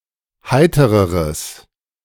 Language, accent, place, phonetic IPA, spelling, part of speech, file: German, Germany, Berlin, [ˈhaɪ̯təʁəʁəs], heitereres, adjective, De-heitereres.ogg
- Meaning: strong/mixed nominative/accusative neuter singular comparative degree of heiter